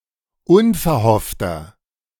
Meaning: 1. comparative degree of unverhofft 2. inflection of unverhofft: strong/mixed nominative masculine singular 3. inflection of unverhofft: strong genitive/dative feminine singular
- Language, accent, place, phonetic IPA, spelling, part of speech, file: German, Germany, Berlin, [ˈʊnfɛɐ̯ˌhɔftɐ], unverhoffter, adjective, De-unverhoffter.ogg